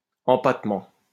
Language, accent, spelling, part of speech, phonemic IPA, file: French, France, empattement, noun, /ɑ̃.pat.mɑ̃/, LL-Q150 (fra)-empattement.wav
- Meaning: 1. wheelbase 2. serif